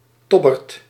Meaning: alternative form of tobber
- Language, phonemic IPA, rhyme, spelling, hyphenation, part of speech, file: Dutch, /ˈtɔ.bərt/, -ɔbərt, tobberd, tob‧berd, noun, Nl-tobberd.ogg